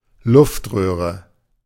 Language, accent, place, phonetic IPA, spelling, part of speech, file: German, Germany, Berlin, [ˈlʊftˌʁøːʁə], Luftröhre, noun, De-Luftröhre.ogg
- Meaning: windpipe, trachea